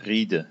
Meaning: nominative/accusative/genitive plural of Ried
- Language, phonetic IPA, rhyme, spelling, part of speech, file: German, [ˈʁiːdə], -iːdə, Riede, noun, De-Riede.ogg